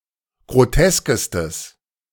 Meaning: strong/mixed nominative/accusative neuter singular superlative degree of grotesk
- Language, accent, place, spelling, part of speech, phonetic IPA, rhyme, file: German, Germany, Berlin, groteskestes, adjective, [ɡʁoˈtɛskəstəs], -ɛskəstəs, De-groteskestes.ogg